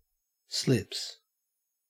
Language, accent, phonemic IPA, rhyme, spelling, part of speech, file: English, Australia, /slɪps/, -ɪps, slips, verb / noun, En-au-slips.ogg
- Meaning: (verb) third-person singular simple present indicative of slip; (noun) 1. plural of slip 2. the area of the field covered by fielders in the slip positions; the slip fielders collectively